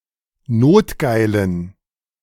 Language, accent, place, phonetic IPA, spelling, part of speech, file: German, Germany, Berlin, [ˈnoːtˌɡaɪ̯lən], notgeilen, adjective, De-notgeilen.ogg
- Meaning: inflection of notgeil: 1. strong genitive masculine/neuter singular 2. weak/mixed genitive/dative all-gender singular 3. strong/weak/mixed accusative masculine singular 4. strong dative plural